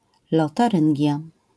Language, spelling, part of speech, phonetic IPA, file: Polish, Lotaryngia, proper noun, [ˌlɔtaˈrɨ̃ŋʲɟja], LL-Q809 (pol)-Lotaryngia.wav